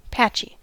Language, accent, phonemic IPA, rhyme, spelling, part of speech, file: English, US, /ˈpæt͡ʃi/, -ætʃi, patchy, adjective, En-us-patchy.ogg
- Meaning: 1. Full of, or covered with, patches; abounding in patches 2. Not constant or continuous; intermittent or uneven